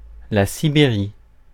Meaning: Siberia (the region of Russia in Asia)
- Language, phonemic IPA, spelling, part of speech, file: French, /si.be.ʁi/, Sibérie, proper noun, Fr-Sibérie.ogg